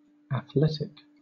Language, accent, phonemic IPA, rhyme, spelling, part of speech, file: English, Southern England, /æθˈlɛt.ɪk/, -ɛtɪk, athletic, adjective / noun, LL-Q1860 (eng)-athletic.wav
- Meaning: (adjective) 1. Having to do with athletes 2. Physically active 3. Having a muscular, well developed body, being in shape 4. An attribute of a motion or play which requires fine physical ability